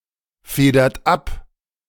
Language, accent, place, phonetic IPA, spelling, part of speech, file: German, Germany, Berlin, [ˌfeːdɐt ˈap], federt ab, verb, De-federt ab.ogg
- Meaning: inflection of abfedern: 1. third-person singular present 2. second-person plural present 3. plural imperative